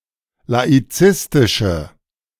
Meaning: inflection of laizistisch: 1. strong/mixed nominative/accusative feminine singular 2. strong nominative/accusative plural 3. weak nominative all-gender singular
- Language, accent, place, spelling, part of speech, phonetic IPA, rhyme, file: German, Germany, Berlin, laizistische, adjective, [laiˈt͡sɪstɪʃə], -ɪstɪʃə, De-laizistische.ogg